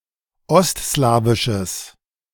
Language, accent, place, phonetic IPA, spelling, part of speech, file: German, Germany, Berlin, [ˈɔstˌslaːvɪʃəs], ostslawisches, adjective, De-ostslawisches.ogg
- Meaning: strong/mixed nominative/accusative neuter singular of ostslawisch